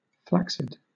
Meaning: 1. Flabby; lacking firmness or muscle tone 2. Soft; floppy 3. Soft; floppy.: Not erect 4. Lacking energy or vigor
- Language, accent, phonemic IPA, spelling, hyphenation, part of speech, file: English, Southern England, /ˈflæ(k)sɪd/, flaccid, flac‧cid, adjective, LL-Q1860 (eng)-flaccid.wav